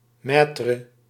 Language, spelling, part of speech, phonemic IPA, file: Dutch, maître, noun, /ˈmɛːtrə/, Nl-maître.ogg
- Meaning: master (an expert, a qualified teacher)